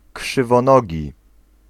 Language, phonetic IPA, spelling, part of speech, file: Polish, [ˌkʃɨvɔ̃ˈnɔɟi], krzywonogi, adjective, Pl-krzywonogi.ogg